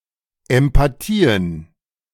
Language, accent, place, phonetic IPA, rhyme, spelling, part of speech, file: German, Germany, Berlin, [ɛmpaˈtiːən], -iːən, Empathien, noun, De-Empathien.ogg
- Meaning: plural of Empathie